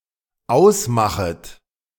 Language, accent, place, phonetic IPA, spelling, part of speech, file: German, Germany, Berlin, [ˈaʊ̯sˌmaxət], ausmachet, verb, De-ausmachet.ogg
- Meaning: second-person plural dependent subjunctive I of ausmachen